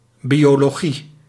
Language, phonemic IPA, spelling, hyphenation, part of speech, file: Dutch, /ˌbi.oːˈloː.ɣə/, biologe, bio‧lo‧ge, noun, Nl-biologe.ogg
- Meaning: biologist (female)